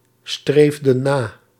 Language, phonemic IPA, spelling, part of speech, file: Dutch, /ˈstrevdə(n) ˈna/, streefden na, verb, Nl-streefden na.ogg
- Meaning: inflection of nastreven: 1. plural past indicative 2. plural past subjunctive